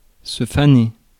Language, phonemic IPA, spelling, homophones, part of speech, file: French, /fa.ne/, faner, faonner, verb, Fr-faner.ogg
- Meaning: 1. to make hay 2. to toss, turn (grass, hay, etc.) 3. to fade, to wilt 4. to fade, wither